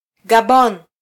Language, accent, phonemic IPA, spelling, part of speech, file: Swahili, Kenya, /ɠɑˈɓɔn/, Gabon, proper noun, Sw-ke-Gabon.flac
- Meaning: Gabon (a country in Central Africa)